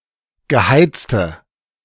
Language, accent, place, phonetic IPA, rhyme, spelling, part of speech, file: German, Germany, Berlin, [ɡəˈhaɪ̯t͡stə], -aɪ̯t͡stə, geheizte, adjective, De-geheizte.ogg
- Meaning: inflection of geheizt: 1. strong/mixed nominative/accusative feminine singular 2. strong nominative/accusative plural 3. weak nominative all-gender singular 4. weak accusative feminine/neuter singular